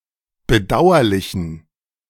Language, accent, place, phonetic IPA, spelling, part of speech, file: German, Germany, Berlin, [bəˈdaʊ̯ɐlɪçn̩], bedauerlichen, adjective, De-bedauerlichen.ogg
- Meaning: inflection of bedauerlich: 1. strong genitive masculine/neuter singular 2. weak/mixed genitive/dative all-gender singular 3. strong/weak/mixed accusative masculine singular 4. strong dative plural